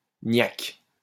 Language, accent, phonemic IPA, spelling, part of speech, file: French, France, /njak/, niak, noun, LL-Q150 (fra)-niak.wav
- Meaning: 1. an East Asian or South Asian person; 2. a sub-Saharan African 3. joint, bun, marijuana cigarette